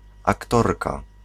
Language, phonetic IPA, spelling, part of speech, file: Polish, [akˈtɔrka], aktorka, noun, Pl-aktorka.ogg